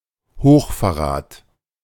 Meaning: high treason
- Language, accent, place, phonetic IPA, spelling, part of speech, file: German, Germany, Berlin, [ˈhoːxfɛɐ̯ˌʁaːt], Hochverrat, noun, De-Hochverrat.ogg